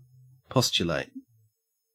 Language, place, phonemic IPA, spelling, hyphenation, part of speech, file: English, Queensland, /ˈpɔst͡ʃəlæɪt/, postulate, pos‧tu‧late, verb, En-au-postulate.ogg
- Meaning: 1. To assume as a truthful or accurate premise or axiom, especially as a basis of an argument 2. To appoint or request one's appointment to an ecclesiastical office